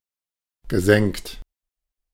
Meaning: past participle of senken
- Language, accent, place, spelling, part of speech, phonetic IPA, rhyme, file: German, Germany, Berlin, gesenkt, verb, [ɡəˈzɛŋkt], -ɛŋkt, De-gesenkt.ogg